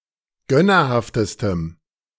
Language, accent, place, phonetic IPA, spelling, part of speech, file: German, Germany, Berlin, [ˈɡœnɐˌhaftəstəm], gönnerhaftestem, adjective, De-gönnerhaftestem.ogg
- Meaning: strong dative masculine/neuter singular superlative degree of gönnerhaft